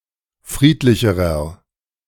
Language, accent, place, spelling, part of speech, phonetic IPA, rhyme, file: German, Germany, Berlin, friedlicherer, adjective, [ˈfʁiːtlɪçəʁɐ], -iːtlɪçəʁɐ, De-friedlicherer.ogg
- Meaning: inflection of friedlich: 1. strong/mixed nominative masculine singular comparative degree 2. strong genitive/dative feminine singular comparative degree 3. strong genitive plural comparative degree